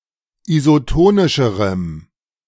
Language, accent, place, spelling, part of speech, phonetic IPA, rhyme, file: German, Germany, Berlin, isotonischerem, adjective, [izoˈtoːnɪʃəʁəm], -oːnɪʃəʁəm, De-isotonischerem.ogg
- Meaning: strong dative masculine/neuter singular comparative degree of isotonisch